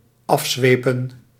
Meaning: to flog, to whip intensely
- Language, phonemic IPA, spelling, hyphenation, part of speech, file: Dutch, /ˈɑfˌzʋeː.pə(n)/, afzwepen, af‧zwe‧pen, verb, Nl-afzwepen.ogg